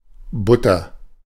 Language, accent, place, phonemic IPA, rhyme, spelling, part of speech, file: German, Germany, Berlin, /ˈbʊtɐ/, -ʊtɐ, Butter, noun, De-Butter.ogg
- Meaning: butter